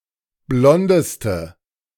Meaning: inflection of blond: 1. strong/mixed nominative/accusative feminine singular superlative degree 2. strong nominative/accusative plural superlative degree
- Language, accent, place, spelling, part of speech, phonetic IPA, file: German, Germany, Berlin, blondeste, adjective, [ˈblɔndəstə], De-blondeste.ogg